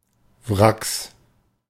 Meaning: 1. plural of Wrack 2. genitive singular of Wrack
- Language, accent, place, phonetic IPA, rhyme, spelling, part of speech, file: German, Germany, Berlin, [vʁaks], -aks, Wracks, noun, De-Wracks.ogg